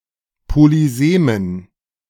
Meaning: dative plural of Polysem
- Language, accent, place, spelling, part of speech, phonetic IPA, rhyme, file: German, Germany, Berlin, Polysemen, noun, [poliˈzeːmən], -eːmən, De-Polysemen.ogg